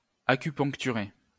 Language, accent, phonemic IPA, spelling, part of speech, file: French, France, /a.ky.pɔ̃k.ty.ʁe/, acupuncturer, verb, LL-Q150 (fra)-acupuncturer.wav
- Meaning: to acupuncture